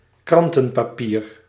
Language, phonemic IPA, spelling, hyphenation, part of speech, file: Dutch, /ˈkrɑntə(n)paːˌpir/, krantenpapier, kran‧ten‧pa‧pier, noun, Nl-krantenpapier.ogg
- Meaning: newsprint, inexpensive paper used for mass printing, such as newspapers